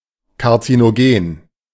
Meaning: carcinogenic
- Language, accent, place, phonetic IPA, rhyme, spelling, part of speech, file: German, Germany, Berlin, [kaʁt͡sinoˈɡeːn], -eːn, karzinogen, adjective, De-karzinogen.ogg